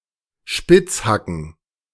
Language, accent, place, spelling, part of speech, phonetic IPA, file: German, Germany, Berlin, Spitzhacken, noun, [ˈʃpɪt͡sˌhakn̩], De-Spitzhacken.ogg
- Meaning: plural of Spitzhacke